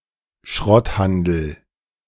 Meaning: scrap metal trade
- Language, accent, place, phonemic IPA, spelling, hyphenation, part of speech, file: German, Germany, Berlin, /ˈʃʁɔtˌhandəl/, Schrotthandel, Schrott‧han‧del, noun, De-Schrotthandel.ogg